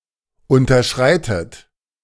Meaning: inflection of unterschreiten: 1. third-person singular present 2. second-person plural present 3. second-person plural subjunctive I 4. plural imperative
- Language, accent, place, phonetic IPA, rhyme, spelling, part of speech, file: German, Germany, Berlin, [ˌʊntɐˈʃʁaɪ̯tət], -aɪ̯tət, unterschreitet, verb, De-unterschreitet.ogg